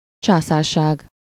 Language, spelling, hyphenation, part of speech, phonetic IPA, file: Hungarian, császárság, csá‧szár‧ság, noun, [ˈt͡ʃaːsaːrʃaːɡ], Hu-császárság.ogg
- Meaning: empire (state ruled by an emperor)